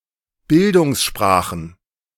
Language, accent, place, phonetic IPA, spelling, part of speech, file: German, Germany, Berlin, [ˈbɪldʊŋsˌʃpʁaːxn̩], Bildungssprachen, noun, De-Bildungssprachen.ogg
- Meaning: plural of Bildungssprache